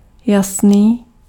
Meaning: clear
- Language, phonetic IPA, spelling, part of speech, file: Czech, [ˈjasniː], jasný, adjective, Cs-jasný.ogg